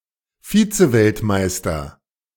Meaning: runner-up in a world championship
- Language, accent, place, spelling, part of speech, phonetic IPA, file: German, Germany, Berlin, Vizeweltmeister, noun, [ˈfiːt͡səˌvɛltmaɪ̯stɐ], De-Vizeweltmeister.ogg